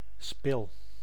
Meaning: 1. an axis 2. a key figure 3. a central midfielder
- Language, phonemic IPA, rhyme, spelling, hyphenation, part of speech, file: Dutch, /spɪl/, -ɪl, spil, spil, noun, Nl-spil.ogg